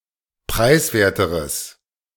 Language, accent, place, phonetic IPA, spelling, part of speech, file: German, Germany, Berlin, [ˈpʁaɪ̯sˌveːɐ̯təʁəs], preiswerteres, adjective, De-preiswerteres.ogg
- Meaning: strong/mixed nominative/accusative neuter singular comparative degree of preiswert